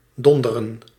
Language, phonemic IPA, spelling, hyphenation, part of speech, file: Dutch, /ˈdɔndərə(n)/, donderen, don‧de‧ren, verb, Nl-donderen.ogg
- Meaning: 1. to thunder 2. to make a thunderous sound, especially with one's voice 3. to plummet, tumble